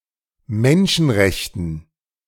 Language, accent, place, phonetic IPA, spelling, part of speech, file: German, Germany, Berlin, [ˈmɛnʃn̩ˌʁɛçtn̩], Menschenrechten, noun, De-Menschenrechten.ogg
- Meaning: dative plural of Menschenrecht